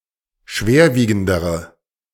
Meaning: inflection of schwerwiegend: 1. strong/mixed nominative/accusative feminine singular comparative degree 2. strong nominative/accusative plural comparative degree
- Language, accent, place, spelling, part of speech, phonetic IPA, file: German, Germany, Berlin, schwerwiegendere, adjective, [ˈʃveːɐ̯ˌviːɡn̩dəʁə], De-schwerwiegendere.ogg